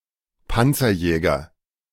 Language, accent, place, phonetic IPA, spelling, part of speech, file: German, Germany, Berlin, [ˈpant͡sɐˌjɛːɡɐ], Panzerjäger, noun, De-Panzerjäger.ogg
- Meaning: a lightly armored tank destroyer